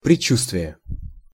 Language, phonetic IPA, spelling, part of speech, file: Russian, [prʲɪˈt͡ɕːustvʲɪje], предчувствие, noun, Ru-предчувствие.ogg
- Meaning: foreboding, foreshadowing, presentiment, hunch (a premonition; a feeling that something, often of undesirable nature, is going to happen)